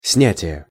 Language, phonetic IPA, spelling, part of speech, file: Russian, [ˈsnʲætʲɪje], снятие, noun, Ru-снятие.ogg
- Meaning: 1. taking off, removal 2. withdrawal, removal 3. gathering, harvest, reaping 4. ending 5. in expressions 6. sublation